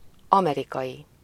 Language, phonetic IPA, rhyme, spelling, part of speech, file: Hungarian, [ˈɒmɛrikɒji], -ji, amerikai, adjective / noun, Hu-amerikai.ogg
- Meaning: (adjective) 1. American (of, from, or pertaining to the Americas) 2. American (of, from, or pertaining to the United States of America, its people or its culture)